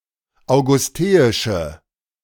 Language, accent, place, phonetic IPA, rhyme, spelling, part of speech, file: German, Germany, Berlin, [aʊ̯ɡʊsˈteːɪʃə], -eːɪʃə, augusteische, adjective, De-augusteische.ogg
- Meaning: inflection of augusteisch: 1. strong/mixed nominative/accusative feminine singular 2. strong nominative/accusative plural 3. weak nominative all-gender singular